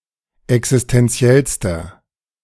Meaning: inflection of existentiell: 1. strong/mixed nominative masculine singular superlative degree 2. strong genitive/dative feminine singular superlative degree 3. strong genitive plural superlative degree
- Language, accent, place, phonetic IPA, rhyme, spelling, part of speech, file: German, Germany, Berlin, [ɛksɪstɛnˈt͡si̯ɛlstɐ], -ɛlstɐ, existentiellster, adjective, De-existentiellster.ogg